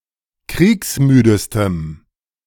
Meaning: strong dative masculine/neuter singular superlative degree of kriegsmüde
- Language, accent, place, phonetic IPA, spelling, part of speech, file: German, Germany, Berlin, [ˈkʁiːksˌmyːdəstəm], kriegsmüdestem, adjective, De-kriegsmüdestem.ogg